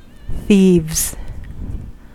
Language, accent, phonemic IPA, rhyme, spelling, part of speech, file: English, US, /θiːvz/, -iːvz, thieves, noun / verb, En-us-thieves.ogg
- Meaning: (noun) plural of thief; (verb) third-person singular simple present indicative of thieve